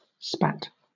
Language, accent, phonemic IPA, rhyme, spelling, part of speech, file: English, Southern England, /spæt/, -æt, spat, verb / noun, LL-Q1860 (eng)-spat.wav
- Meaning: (verb) simple past and past participle of spit; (noun) 1. The spawn of shellfish, especially oysters and similar molluscs 2. A juvenile shellfish which has attached to a hard surface